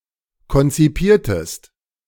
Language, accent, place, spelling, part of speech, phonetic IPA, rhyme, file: German, Germany, Berlin, konzipiertest, verb, [kɔnt͡siˈpiːɐ̯təst], -iːɐ̯təst, De-konzipiertest.ogg
- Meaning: inflection of konzipieren: 1. second-person singular preterite 2. second-person singular subjunctive II